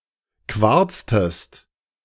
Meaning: inflection of quarzen: 1. second-person singular preterite 2. second-person singular subjunctive II
- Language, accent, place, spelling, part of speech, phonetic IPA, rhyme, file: German, Germany, Berlin, quarztest, verb, [ˈkvaʁt͡stəst], -aʁt͡stəst, De-quarztest.ogg